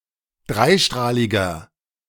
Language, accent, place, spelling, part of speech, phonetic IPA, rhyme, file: German, Germany, Berlin, dreistrahliger, adjective, [ˈdʁaɪ̯ˌʃtʁaːlɪɡɐ], -aɪ̯ʃtʁaːlɪɡɐ, De-dreistrahliger.ogg
- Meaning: inflection of dreistrahlig: 1. strong/mixed nominative masculine singular 2. strong genitive/dative feminine singular 3. strong genitive plural